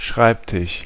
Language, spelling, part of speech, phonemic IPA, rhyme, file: German, Schreibtisch, noun, /ˈʃʁaɪ̯pˌtɪʃ/, -ɪʃ, De-Schreibtisch.ogg
- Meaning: desk, cabinet (any table, frame, or case for the use of writers and readers; also a place for storing the papers)